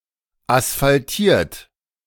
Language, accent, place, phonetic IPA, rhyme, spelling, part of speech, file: German, Germany, Berlin, [asfalˈtiːɐ̯t], -iːɐ̯t, asphaltiert, adjective / verb, De-asphaltiert.ogg
- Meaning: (verb) past participle of asphaltieren; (adjective) asphalted; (verb) inflection of asphaltieren: 1. third-person singular present 2. second-person plural present 3. plural imperative